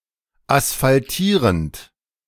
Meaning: present participle of asphaltieren
- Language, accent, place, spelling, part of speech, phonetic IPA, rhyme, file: German, Germany, Berlin, asphaltierend, verb, [asfalˈtiːʁənt], -iːʁənt, De-asphaltierend.ogg